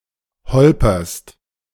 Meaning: second-person singular present of holpern
- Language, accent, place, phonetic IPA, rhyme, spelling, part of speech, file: German, Germany, Berlin, [ˈhɔlpɐst], -ɔlpɐst, holperst, verb, De-holperst.ogg